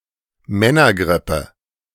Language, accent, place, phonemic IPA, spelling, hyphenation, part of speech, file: German, Germany, Berlin, /ˈmɛnɐˌɡʁɪpə/, Männergrippe, Män‧ner‧grip‧pe, noun, De-Männergrippe.ogg
- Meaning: man flu